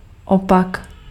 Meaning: opposite
- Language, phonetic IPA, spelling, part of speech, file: Czech, [ˈopak], opak, noun, Cs-opak.ogg